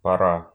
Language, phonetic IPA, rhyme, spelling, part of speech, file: Russian, [pɐˈra], -a, пора, noun, Ru-пора́.ogg
- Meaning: 1. time 2. season 3. weather 4. period